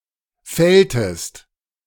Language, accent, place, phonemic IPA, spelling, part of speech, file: German, Germany, Berlin, /ˈfɛltəst/, fälltest, verb, De-fälltest.ogg
- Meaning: inflection of fällen: 1. second-person singular preterite 2. second-person singular subjunctive II